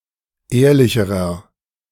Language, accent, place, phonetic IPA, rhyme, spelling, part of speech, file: German, Germany, Berlin, [ˈeːɐ̯lɪçəʁɐ], -eːɐ̯lɪçəʁɐ, ehrlicherer, adjective, De-ehrlicherer.ogg
- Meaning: inflection of ehrlich: 1. strong/mixed nominative masculine singular comparative degree 2. strong genitive/dative feminine singular comparative degree 3. strong genitive plural comparative degree